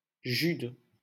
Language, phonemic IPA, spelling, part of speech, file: French, /ʒyd/, Jude, proper noun, LL-Q150 (fra)-Jude.wav
- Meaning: Jude